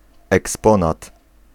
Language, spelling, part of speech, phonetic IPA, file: Polish, eksponat, noun, [ɛksˈpɔ̃nat], Pl-eksponat.ogg